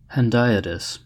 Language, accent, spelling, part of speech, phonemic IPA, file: English, US, hendiadys, noun, /hɛnˈdaɪ.ədɪs/, En-us-hendiadys.ogg
- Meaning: A figure of speech used for emphasis, where two words joined by and are used to express a single complex idea